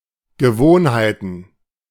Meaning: plural of Gewohnheit
- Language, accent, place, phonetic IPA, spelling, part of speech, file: German, Germany, Berlin, [ɡəˈvoːnhaɪ̯tn̩], Gewohnheiten, noun, De-Gewohnheiten.ogg